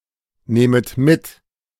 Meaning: second-person plural subjunctive I of mitnehmen
- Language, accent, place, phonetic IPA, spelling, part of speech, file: German, Germany, Berlin, [ˌneːmət ˈmɪt], nehmet mit, verb, De-nehmet mit.ogg